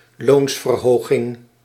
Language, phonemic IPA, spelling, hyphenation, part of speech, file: Dutch, /ˈloːns.vərˌɦoː.ɣɪŋ/, loonsverhoging, loons‧ver‧ho‧ging, noun, Nl-loonsverhoging.ogg
- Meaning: a raise, a wage increase